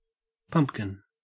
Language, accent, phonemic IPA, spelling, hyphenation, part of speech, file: English, Australia, /ˈpɐmpkɪn/, pumpkin, pump‧kin, noun, En-au-pumpkin.ogg
- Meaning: 1. A domesticated plant, in species Cucurbita pepo, similar in growth pattern, foliage, flower, and fruit to the squash or melon 2. The round yellow or orange fruit of this plant